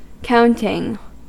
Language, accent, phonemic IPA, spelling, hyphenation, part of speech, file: English, US, /ˈkaʊ.nɪŋ/, counting, count‧ing, noun / verb, En-us-counting.ogg
- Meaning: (noun) 1. A count 2. The act by which something is counted; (verb) present participle and gerund of count